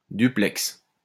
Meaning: 1. a link between two points, such as a cable or a wire 2. duplex, maisonette (dwelling) 3. duplex; building with two storeys, each constituting one apartment; such an apartment
- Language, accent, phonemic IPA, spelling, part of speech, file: French, France, /dy.plɛks/, duplex, noun, LL-Q150 (fra)-duplex.wav